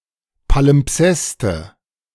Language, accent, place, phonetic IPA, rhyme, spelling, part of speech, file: German, Germany, Berlin, [palɪmˈpsɛstə], -ɛstə, Palimpseste, noun, De-Palimpseste.ogg
- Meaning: nominative/accusative/genitive plural of Palimpsest